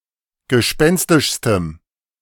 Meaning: strong dative masculine/neuter singular superlative degree of gespenstisch
- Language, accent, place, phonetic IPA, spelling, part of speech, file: German, Germany, Berlin, [ɡəˈʃpɛnstɪʃstəm], gespenstischstem, adjective, De-gespenstischstem.ogg